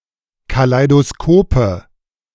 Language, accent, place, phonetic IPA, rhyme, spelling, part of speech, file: German, Germany, Berlin, [kalaɪ̯doˈskoːpə], -oːpə, Kaleidoskope, noun, De-Kaleidoskope.ogg
- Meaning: nominative/accusative/genitive plural of Kaleidoskop